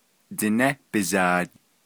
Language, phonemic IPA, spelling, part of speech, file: Navajo, /tɪ̀nɛ́ pɪ̀zɑ̀ːt/, Diné bizaad, noun, Nv-Diné bizaad.ogg
- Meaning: The Navajo language